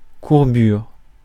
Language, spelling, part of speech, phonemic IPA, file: French, courbure, noun, /kuʁ.byʁ/, Fr-courbure.ogg
- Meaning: curvature